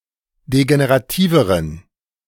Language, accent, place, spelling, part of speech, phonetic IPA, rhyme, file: German, Germany, Berlin, degenerativeren, adjective, [deɡeneʁaˈtiːvəʁən], -iːvəʁən, De-degenerativeren.ogg
- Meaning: inflection of degenerativ: 1. strong genitive masculine/neuter singular comparative degree 2. weak/mixed genitive/dative all-gender singular comparative degree